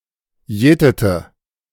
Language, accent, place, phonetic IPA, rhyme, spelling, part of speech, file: German, Germany, Berlin, [ˈjɛːtətə], -ɛːtətə, jätete, verb, De-jätete.ogg
- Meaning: inflection of jäten: 1. first/third-person singular preterite 2. first/third-person singular subjunctive II